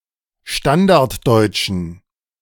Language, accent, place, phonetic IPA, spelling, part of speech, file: German, Germany, Berlin, [ˈʃtandaʁtˌdɔɪ̯t͡ʃn̩], Standarddeutschen, noun, De-Standarddeutschen.ogg
- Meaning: genitive singular of Standarddeutsche